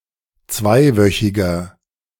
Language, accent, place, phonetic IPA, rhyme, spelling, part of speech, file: German, Germany, Berlin, [ˈt͡svaɪ̯ˌvœçɪɡɐ], -aɪ̯vœçɪɡɐ, zweiwöchiger, adjective, De-zweiwöchiger.ogg
- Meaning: inflection of zweiwöchig: 1. strong/mixed nominative masculine singular 2. strong genitive/dative feminine singular 3. strong genitive plural